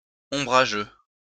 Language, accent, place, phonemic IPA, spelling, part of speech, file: French, France, Lyon, /ɔ̃.bʁa.ʒø/, ombrageux, adjective, LL-Q150 (fra)-ombrageux.wav
- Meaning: 1. umbrageous 2. skittish, shy